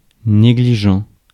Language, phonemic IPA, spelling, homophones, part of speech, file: French, /ne.ɡli.ʒɑ̃/, négligent, négligents, adjective, Fr-négligent.ogg
- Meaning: negligent (culpable due to negligence)